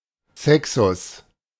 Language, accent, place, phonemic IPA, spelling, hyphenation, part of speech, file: German, Germany, Berlin, /ˈsɛksʊs/, Sexus, Se‧xus, noun, De-Sexus.ogg
- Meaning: 1. sex 2. natural gender